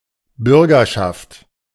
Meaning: 1. citizenry (the entirety of all citizens) 2. citizenship (the state of being a citizen)
- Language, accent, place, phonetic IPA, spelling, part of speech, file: German, Germany, Berlin, [ˈbʏʁɡɐʃaft], Bürgerschaft, noun, De-Bürgerschaft.ogg